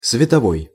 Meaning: 1. light 2. luminous
- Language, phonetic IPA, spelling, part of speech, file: Russian, [svʲɪtɐˈvoj], световой, adjective, Ru-световой.ogg